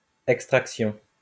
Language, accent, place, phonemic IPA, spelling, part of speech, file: French, France, Lyon, /ɛk.stʁak.sjɔ̃/, extraction, noun, LL-Q150 (fra)-extraction.wav
- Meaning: extraction